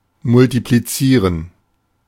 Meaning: to multiply (transitive: perform multiplication on (a number))
- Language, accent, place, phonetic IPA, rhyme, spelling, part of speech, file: German, Germany, Berlin, [mʊltipliˈt͡siːʁən], -iːʁən, multiplizieren, verb, De-multiplizieren.ogg